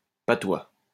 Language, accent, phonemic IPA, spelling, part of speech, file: French, France, /pa.twa/, patois, noun, LL-Q150 (fra)-patois.wav
- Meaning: 1. patois (French dialect) 2. patois (any regional dialect) 3. saying, maxim, proverb, adage